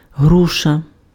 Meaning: 1. pear (fruit or tree) 2. punching bag (boxing equipment of such shape)
- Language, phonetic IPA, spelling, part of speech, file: Ukrainian, [ˈɦruʃɐ], груша, noun, Uk-груша.ogg